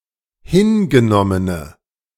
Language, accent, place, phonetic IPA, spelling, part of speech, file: German, Germany, Berlin, [ˈhɪnɡəˌnɔmənə], hingenommene, adjective, De-hingenommene.ogg
- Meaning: inflection of hingenommen: 1. strong/mixed nominative/accusative feminine singular 2. strong nominative/accusative plural 3. weak nominative all-gender singular